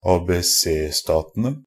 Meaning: ABC countries, ABC powers (the three states of Argentina, Brazil and Chile in South America)
- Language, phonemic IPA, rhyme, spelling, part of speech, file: Norwegian Bokmål, /ɑːbɛˈseːstɑːtənə/, -ənə, ABC-statene, noun, NB - Pronunciation of Norwegian Bokmål «ABC-statene».ogg